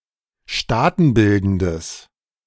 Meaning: strong/mixed nominative/accusative neuter singular of staatenbildend
- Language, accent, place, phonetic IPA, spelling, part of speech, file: German, Germany, Berlin, [ˈʃtaːtn̩ˌbɪldn̩dəs], staatenbildendes, adjective, De-staatenbildendes.ogg